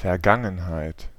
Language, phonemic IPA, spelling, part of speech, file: German, /fɛɐ̯ˈɡaŋənhaɪ̯t/, Vergangenheit, noun, De-Vergangenheit.ogg
- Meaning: 1. the past (time) 2. past tense